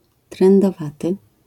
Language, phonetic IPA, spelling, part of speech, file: Polish, [ˌtrɛ̃ndɔˈvatɨ], trędowaty, adjective / noun, LL-Q809 (pol)-trędowaty.wav